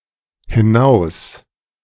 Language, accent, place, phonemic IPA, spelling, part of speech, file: German, Germany, Berlin, /hɪna͜us/, hinaus-, prefix, De-hinaus-.ogg
- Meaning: A prefix, conveying a movement out of something (in direction away from the speaker)